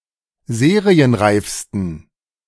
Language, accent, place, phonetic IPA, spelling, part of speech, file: German, Germany, Berlin, [ˈzeːʁiənˌʁaɪ̯fstn̩], serienreifsten, adjective, De-serienreifsten.ogg
- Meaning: 1. superlative degree of serienreif 2. inflection of serienreif: strong genitive masculine/neuter singular superlative degree